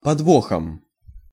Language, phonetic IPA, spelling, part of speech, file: Russian, [pɐdˈvoxəm], подвохом, noun, Ru-подвохом.ogg
- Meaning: instrumental singular of подво́х (podvóx)